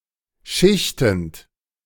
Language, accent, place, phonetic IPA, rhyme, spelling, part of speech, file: German, Germany, Berlin, [ˈʃɪçtn̩t], -ɪçtn̩t, schichtend, verb, De-schichtend.ogg
- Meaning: present participle of schichten